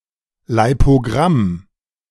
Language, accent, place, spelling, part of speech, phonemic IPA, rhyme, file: German, Germany, Berlin, Leipogramm, noun, /laɪ̯poˈɡʁam/, -am, De-Leipogramm.ogg
- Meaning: lipogram